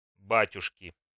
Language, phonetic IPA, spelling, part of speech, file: Russian, [ˈbatʲʊʂkʲɪ], батюшки, noun / interjection, Ru-батюшки.ogg
- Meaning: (noun) inflection of ба́тюшка (bátjuška): 1. genitive singular 2. nominative plural; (interjection) goodness me! oh my goodness!